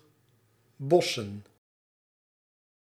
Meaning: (noun) plural of bos; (verb) 1. to tie branches, twigs, plants, or fruits into a bunch 2. to bust, to burst, to split 3. to fail
- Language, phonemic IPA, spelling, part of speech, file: Dutch, /ˈbɔsə(n)/, bossen, verb / noun, Nl-bossen.ogg